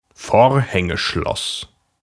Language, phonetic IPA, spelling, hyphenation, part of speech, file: German, [ˈfoːɐ̯hɛŋəˌʃlɔs], Vorhängeschloss, Vor‧hän‧ge‧schloss, noun, De-Vorhängeschloss.ogg
- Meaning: padlock